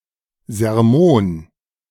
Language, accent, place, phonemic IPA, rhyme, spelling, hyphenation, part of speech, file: German, Germany, Berlin, /zɛʁˈmoːn/, -oːn, Sermon, Ser‧mon, noun, De-Sermon.ogg
- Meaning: 1. a long, tedious speech 2. sermon (religious discourse)